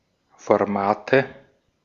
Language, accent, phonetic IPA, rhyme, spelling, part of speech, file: German, Austria, [fɔʁˈmaːtə], -aːtə, Formate, noun, De-at-Formate.ogg
- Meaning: nominative/accusative/genitive plural of Format